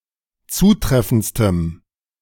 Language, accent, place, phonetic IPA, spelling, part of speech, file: German, Germany, Berlin, [ˈt͡suːˌtʁɛfn̩t͡stəm], zutreffendstem, adjective, De-zutreffendstem.ogg
- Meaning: strong dative masculine/neuter singular superlative degree of zutreffend